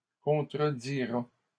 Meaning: third-person singular future of contredire
- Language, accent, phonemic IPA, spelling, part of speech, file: French, Canada, /kɔ̃.tʁə.di.ʁa/, contredira, verb, LL-Q150 (fra)-contredira.wav